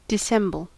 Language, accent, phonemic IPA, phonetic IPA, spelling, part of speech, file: English, US, /dɪˈsɛmbəl/, [dɪˈsɛmbɫ̩], dissemble, verb, En-us-dissemble.ogg
- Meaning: 1. To disguise or conceal something 2. To feign, dissimulate 3. To deliberately ignore something; to pretend not to notice 4. To falsely hide one's opinions or feelings